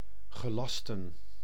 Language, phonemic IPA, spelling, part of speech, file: Dutch, /ɣəˈlɑstə(n)/, gelasten, verb, Nl-gelasten.ogg
- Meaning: to order, to command